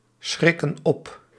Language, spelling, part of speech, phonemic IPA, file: Dutch, schrikken op, verb, /ˈsxrɪkə(n) ˈɔp/, Nl-schrikken op.ogg
- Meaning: inflection of opschrikken: 1. plural present indicative 2. plural present subjunctive